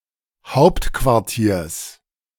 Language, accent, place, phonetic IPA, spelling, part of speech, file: German, Germany, Berlin, [ˈhaʊ̯ptkvaʁˌtiːɐ̯s], Hauptquartiers, noun, De-Hauptquartiers.ogg
- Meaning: genitive singular of Hauptquartier